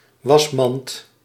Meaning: laundry basket
- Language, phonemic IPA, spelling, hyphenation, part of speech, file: Dutch, /ˈʋɑsmɑnt/, wasmand, was‧mand, noun, Nl-wasmand.ogg